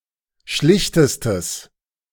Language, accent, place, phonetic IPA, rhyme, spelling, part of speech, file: German, Germany, Berlin, [ˈʃlɪçtəstəs], -ɪçtəstəs, schlichtestes, adjective, De-schlichtestes.ogg
- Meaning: strong/mixed nominative/accusative neuter singular superlative degree of schlicht